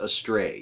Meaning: 1. Away from the proper path; in a wrong or unknown direction 2. Away from what is right and good; into error or evil
- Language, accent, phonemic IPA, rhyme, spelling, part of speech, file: English, US, /əˈstɹeɪ/, -eɪ, astray, adverb, En-us-astray.ogg